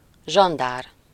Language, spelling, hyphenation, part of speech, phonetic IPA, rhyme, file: Hungarian, zsandár, zsan‧dár, noun, [ˈʒɒndaːr], -aːr, Hu-zsandár.ogg
- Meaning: gendarme